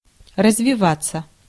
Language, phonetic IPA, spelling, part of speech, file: Russian, [rəzvʲɪˈvat͡sːə], развиваться, verb, Ru-развиваться.ogg
- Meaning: 1. to develop (to progress) 2. to untwist; to come unwound; to come uncurled, to lose its curl (of hair) 3. passive of развива́ть (razvivátʹ)